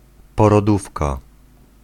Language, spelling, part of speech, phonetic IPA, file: Polish, porodówka, noun, [ˌpɔrɔˈdufka], Pl-porodówka.ogg